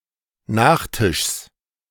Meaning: genitive of Nachtisch
- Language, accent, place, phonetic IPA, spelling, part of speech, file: German, Germany, Berlin, [ˈnaːxˌtɪʃs], Nachtischs, noun, De-Nachtischs.ogg